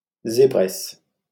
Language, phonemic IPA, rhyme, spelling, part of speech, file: French, /ze.bʁɛs/, -ɛs, zébresse, noun, LL-Q150 (fra)-zébresse.wav
- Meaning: female equivalent of zèbre (“zebra”)